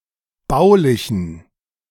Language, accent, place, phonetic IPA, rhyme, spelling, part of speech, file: German, Germany, Berlin, [ˈbaʊ̯lɪçn̩], -aʊ̯lɪçn̩, baulichen, adjective, De-baulichen.ogg
- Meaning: inflection of baulich: 1. strong genitive masculine/neuter singular 2. weak/mixed genitive/dative all-gender singular 3. strong/weak/mixed accusative masculine singular 4. strong dative plural